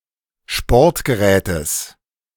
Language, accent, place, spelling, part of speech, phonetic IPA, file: German, Germany, Berlin, Sportgerätes, noun, [ˈʃpɔʁtɡəˌʁɛːtəs], De-Sportgerätes.ogg
- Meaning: genitive of Sportgerät